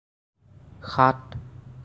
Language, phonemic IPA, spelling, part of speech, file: Assamese, /xɑt/, সাত, numeral, As-সাত.ogg
- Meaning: seven